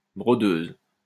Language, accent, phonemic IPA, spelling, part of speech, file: French, France, /bʁɔ.døz/, brodeuse, noun, LL-Q150 (fra)-brodeuse.wav
- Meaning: female equivalent of brodeur